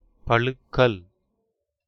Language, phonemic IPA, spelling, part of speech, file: Tamil, /pɐlʊkːɐl/, பலுக்கல், noun, Ta-பலுக்கல்.ogg
- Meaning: pronunciation